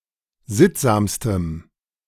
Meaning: strong dative masculine/neuter singular superlative degree of sittsam
- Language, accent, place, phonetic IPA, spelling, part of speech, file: German, Germany, Berlin, [ˈzɪtzaːmstəm], sittsamstem, adjective, De-sittsamstem.ogg